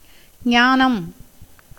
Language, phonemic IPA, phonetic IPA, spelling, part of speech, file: Tamil, /ɲɑːnɐm/, [ɲäːnɐm], ஞானம், noun, Ta-ஞானம்.ogg
- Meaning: 1. knowledge, wisdom, skill 2. philosophy